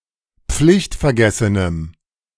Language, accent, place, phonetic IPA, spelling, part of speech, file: German, Germany, Berlin, [ˈp͡flɪçtfɛɐ̯ˌɡɛsənəm], pflichtvergessenem, adjective, De-pflichtvergessenem.ogg
- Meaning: strong dative masculine/neuter singular of pflichtvergessen